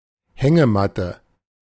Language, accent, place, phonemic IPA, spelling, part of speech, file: German, Germany, Berlin, /ˈhɛŋəˌmatə/, Hängematte, noun, De-Hängematte.ogg
- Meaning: hammock